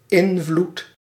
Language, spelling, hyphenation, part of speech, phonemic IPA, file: Dutch, invloed, in‧vloed, noun, /ˈɪn.vlut/, Nl-invloed.ogg
- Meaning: influence